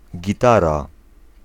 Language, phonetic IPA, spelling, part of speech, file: Polish, [ɟiˈtara], gitara, noun, Pl-gitara.ogg